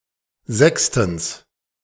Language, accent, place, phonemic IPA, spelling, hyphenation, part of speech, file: German, Germany, Berlin, /ˈzɛkstn̩s/, sechstens, sechs‧tens, adverb, De-sechstens.ogg
- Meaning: sixthly